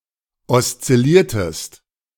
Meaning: inflection of oszillieren: 1. second-person singular preterite 2. second-person singular subjunctive II
- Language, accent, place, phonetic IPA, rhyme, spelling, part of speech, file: German, Germany, Berlin, [ɔst͡sɪˈliːɐ̯təst], -iːɐ̯təst, oszilliertest, verb, De-oszilliertest.ogg